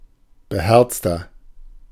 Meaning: 1. comparative degree of beherzt 2. inflection of beherzt: strong/mixed nominative masculine singular 3. inflection of beherzt: strong genitive/dative feminine singular
- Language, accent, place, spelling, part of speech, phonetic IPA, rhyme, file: German, Germany, Berlin, beherzter, adjective, [bəˈhɛʁt͡stɐ], -ɛʁt͡stɐ, De-beherzter.ogg